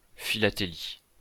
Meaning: philately
- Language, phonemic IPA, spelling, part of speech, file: French, /fi.la.te.li/, philatélie, noun, LL-Q150 (fra)-philatélie.wav